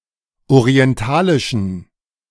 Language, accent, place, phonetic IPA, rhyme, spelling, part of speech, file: German, Germany, Berlin, [oʁiɛnˈtaːlɪʃn̩], -aːlɪʃn̩, orientalischen, adjective, De-orientalischen.ogg
- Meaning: inflection of orientalisch: 1. strong genitive masculine/neuter singular 2. weak/mixed genitive/dative all-gender singular 3. strong/weak/mixed accusative masculine singular 4. strong dative plural